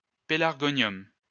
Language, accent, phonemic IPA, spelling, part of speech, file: French, France, /pe.laʁ.ɡɔ.njɔm/, pélargonium, noun, LL-Q150 (fra)-pélargonium.wav
- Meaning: pelargonium (flower of the genus Pelargonium)